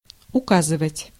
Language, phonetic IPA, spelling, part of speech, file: Russian, [ʊˈkazɨvətʲ], указывать, verb, Ru-указывать.ogg
- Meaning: 1. to show, to indicate 2. to point 3. to give instructions, to explain